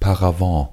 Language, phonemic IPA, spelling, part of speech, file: German, /paʁaˈvɑ̃/, Paravent, noun, De-Paravent.ogg
- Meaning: paravent; folding screen